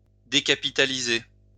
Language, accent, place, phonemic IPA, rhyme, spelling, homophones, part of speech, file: French, France, Lyon, /de.ka.pi.ta.li.ze/, -e, décapitaliser, décapitalisai / décapitalisé / décapitalisée / décapitalisées / décapitalisés / décapitalisez, verb, LL-Q150 (fra)-décapitaliser.wav
- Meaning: to take capital status away from a city; to make a city not a capital anymore